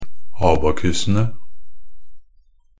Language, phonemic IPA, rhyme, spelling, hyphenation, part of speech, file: Norwegian Bokmål, /ˈɑːbakʉsənə/, -ənə, abakusene, a‧ba‧ku‧se‧ne, noun, NB - Pronunciation of Norwegian Bokmål «abakusene».ogg
- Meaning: definite plural of abakus